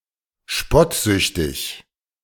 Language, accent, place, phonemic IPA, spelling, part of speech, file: German, Germany, Berlin, /ˈʃpɔtˌzʏçtɪç/, spottsüchtig, adjective, De-spottsüchtig.ogg
- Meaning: excessively mocking